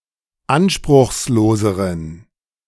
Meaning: inflection of anspruchslos: 1. strong genitive masculine/neuter singular comparative degree 2. weak/mixed genitive/dative all-gender singular comparative degree
- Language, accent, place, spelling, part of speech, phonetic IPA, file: German, Germany, Berlin, anspruchsloseren, adjective, [ˈanʃpʁʊxsˌloːzəʁən], De-anspruchsloseren.ogg